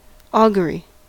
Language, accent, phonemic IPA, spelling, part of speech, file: English, US, /ˈɔː.ɡjʊ.ɹi/, augury, noun, En-us-augury.ogg
- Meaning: 1. A divination based on the appearance and behaviour of animals 2. An omen or prediction; a foreboding; a prophecy 3. An event that is experienced as indicating important things to come